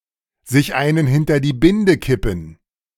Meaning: to knock back a drink
- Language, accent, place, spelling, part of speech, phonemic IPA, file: German, Germany, Berlin, sich einen hinter die Binde kippen, verb, /zɪç ˈaɪ̯nən ˈhɪntɐ diː ˈbɪndə ˈkɪpn̩/, De-sich einen hinter die Binde kippen.ogg